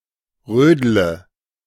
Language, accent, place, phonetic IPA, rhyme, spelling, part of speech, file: German, Germany, Berlin, [ˈʁøːdlə], -øːdlə, rödle, verb, De-rödle.ogg
- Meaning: inflection of rödeln: 1. first-person singular present 2. first/third-person singular subjunctive I 3. singular imperative